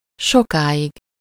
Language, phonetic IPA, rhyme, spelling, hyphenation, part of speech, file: Hungarian, [ˈʃokaːjiɡ], -iɡ, sokáig, so‧ká‧ig, adverb, Hu-sokáig.ogg
- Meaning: long, for long, for a long time